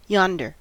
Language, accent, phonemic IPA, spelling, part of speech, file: English, US, /ˈjɑndəɹ/, yonder, adverb / adjective / determiner / noun, En-us-yonder.ogg
- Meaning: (adverb) 1. At or in a distant but indicated place 2. Synonym of thither: to a distant but indicated place; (adjective) The farther, the more distant of two choices